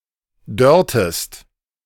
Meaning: inflection of dörren: 1. second-person singular preterite 2. second-person singular subjunctive II
- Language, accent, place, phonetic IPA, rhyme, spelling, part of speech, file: German, Germany, Berlin, [ˈdœʁtəst], -œʁtəst, dörrtest, verb, De-dörrtest.ogg